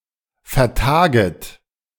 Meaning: second-person plural subjunctive I of vertagen
- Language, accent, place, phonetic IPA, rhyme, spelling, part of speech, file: German, Germany, Berlin, [fɛɐ̯ˈtaːɡət], -aːɡət, vertaget, verb, De-vertaget.ogg